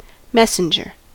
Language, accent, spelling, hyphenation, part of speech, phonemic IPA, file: English, US, messenger, mes‧sen‧ger, noun / verb, /ˈmɛs.ən.d͡ʒɚ/, En-us-messenger.ogg
- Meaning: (noun) 1. One who brings messages 2. The secretary bird 3. The supporting member of an aerial cable (electric power or telephone or data)